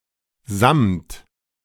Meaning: velvet
- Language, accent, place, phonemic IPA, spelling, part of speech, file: German, Germany, Berlin, /zamt/, Samt, noun, De-Samt.ogg